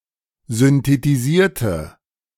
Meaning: inflection of synthetisieren: 1. first/third-person singular preterite 2. first/third-person singular subjunctive II
- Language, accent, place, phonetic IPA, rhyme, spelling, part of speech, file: German, Germany, Berlin, [zʏntetiˈziːɐ̯tə], -iːɐ̯tə, synthetisierte, adjective / verb, De-synthetisierte.ogg